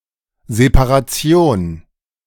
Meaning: separation
- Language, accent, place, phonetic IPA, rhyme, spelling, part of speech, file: German, Germany, Berlin, [zepaʁaˈt͡si̯oːn], -oːn, Separation, noun, De-Separation.ogg